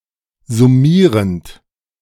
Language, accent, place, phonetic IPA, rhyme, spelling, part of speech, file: German, Germany, Berlin, [zʊˈmiːʁənt], -iːʁənt, summierend, verb, De-summierend.ogg
- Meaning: present participle of summieren